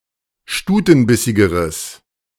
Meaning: strong/mixed nominative/accusative neuter singular comparative degree of stutenbissig
- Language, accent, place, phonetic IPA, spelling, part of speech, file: German, Germany, Berlin, [ˈʃtuːtn̩ˌbɪsɪɡəʁəs], stutenbissigeres, adjective, De-stutenbissigeres.ogg